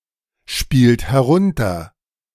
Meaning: inflection of herunterspielen: 1. third-person singular present 2. second-person plural present 3. plural imperative
- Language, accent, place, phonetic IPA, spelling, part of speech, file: German, Germany, Berlin, [ˌʃpiːlt hɛˈʁʊntɐ], spielt herunter, verb, De-spielt herunter.ogg